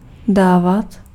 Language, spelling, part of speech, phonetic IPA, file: Czech, dávat, verb, [ˈdaːvat], Cs-dávat.ogg
- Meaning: to give